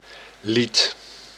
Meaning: song
- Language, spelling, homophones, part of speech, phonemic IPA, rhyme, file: Dutch, lied, liet, noun, /lit/, -it, Nl-lied.ogg